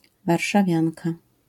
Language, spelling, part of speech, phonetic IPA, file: Polish, warszawianka, noun, [ˌvarʃaˈvʲjãnka], LL-Q809 (pol)-warszawianka.wav